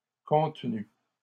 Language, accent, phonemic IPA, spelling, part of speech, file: French, Canada, /kɔ̃t.ny/, contenues, verb, LL-Q150 (fra)-contenues.wav
- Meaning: feminine plural of contenu